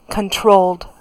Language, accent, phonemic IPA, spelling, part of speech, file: English, US, /kənˈtɹoʊld/, controlled, adjective / verb, En-us-controlled.ogg
- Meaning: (adjective) 1. Inhibited or restrained in one's words and actions 2. Subjected to regulation or direction